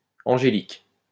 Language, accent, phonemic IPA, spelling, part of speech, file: French, France, /ɑ̃.ʒe.lik/, angéliques, noun, LL-Q150 (fra)-angéliques.wav
- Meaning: plural of angélique